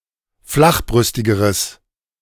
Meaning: strong/mixed nominative/accusative neuter singular comparative degree of flachbrüstig
- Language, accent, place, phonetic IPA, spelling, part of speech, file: German, Germany, Berlin, [ˈflaxˌbʁʏstɪɡəʁəs], flachbrüstigeres, adjective, De-flachbrüstigeres.ogg